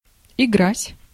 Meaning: 1. to play 2. to take advantage of 3. to play, to perform 4. to act, to play 5. to deal with (something) in a careless, irresponsible or contemptuous way
- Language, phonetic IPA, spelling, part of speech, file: Russian, [ɪˈɡratʲ], играть, verb, Ru-играть.ogg